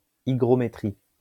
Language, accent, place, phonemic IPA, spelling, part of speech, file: French, France, Lyon, /i.ɡʁɔ.me.tʁik/, hygrométrique, adjective, LL-Q150 (fra)-hygrométrique.wav
- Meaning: hygrometric